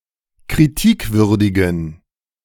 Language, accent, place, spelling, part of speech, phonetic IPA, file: German, Germany, Berlin, kritikwürdigen, adjective, [kʁiˈtiːkˌvʏʁdɪɡn̩], De-kritikwürdigen.ogg
- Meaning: inflection of kritikwürdig: 1. strong genitive masculine/neuter singular 2. weak/mixed genitive/dative all-gender singular 3. strong/weak/mixed accusative masculine singular 4. strong dative plural